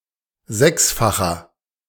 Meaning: inflection of sechsfach: 1. strong/mixed nominative masculine singular 2. strong genitive/dative feminine singular 3. strong genitive plural
- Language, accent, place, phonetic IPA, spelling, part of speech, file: German, Germany, Berlin, [ˈzɛksfaxɐ], sechsfacher, adjective, De-sechsfacher.ogg